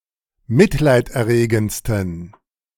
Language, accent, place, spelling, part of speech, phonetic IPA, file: German, Germany, Berlin, mitleiderregendsten, adjective, [ˈmɪtlaɪ̯tʔɛɐ̯ˌʁeːɡn̩t͡stən], De-mitleiderregendsten.ogg
- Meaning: 1. superlative degree of mitleiderregend 2. inflection of mitleiderregend: strong genitive masculine/neuter singular superlative degree